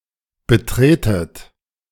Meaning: inflection of betreten: 1. second-person plural present 2. second-person plural subjunctive I 3. plural imperative
- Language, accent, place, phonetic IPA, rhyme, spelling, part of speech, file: German, Germany, Berlin, [bəˈtʁeːtət], -eːtət, betretet, verb, De-betretet.ogg